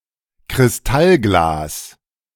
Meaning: crystal glass
- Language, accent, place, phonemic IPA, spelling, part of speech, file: German, Germany, Berlin, /kʁɪsˈtalɡlaːs/, Kristallglas, noun, De-Kristallglas.ogg